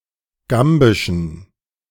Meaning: inflection of gambisch: 1. strong genitive masculine/neuter singular 2. weak/mixed genitive/dative all-gender singular 3. strong/weak/mixed accusative masculine singular 4. strong dative plural
- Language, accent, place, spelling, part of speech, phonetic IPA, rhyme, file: German, Germany, Berlin, gambischen, adjective, [ˈɡambɪʃn̩], -ambɪʃn̩, De-gambischen.ogg